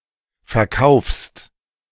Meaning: second-person singular present of verkaufen
- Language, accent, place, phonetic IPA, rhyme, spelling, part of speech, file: German, Germany, Berlin, [fɛɐ̯ˈkaʊ̯fst], -aʊ̯fst, verkaufst, verb, De-verkaufst.ogg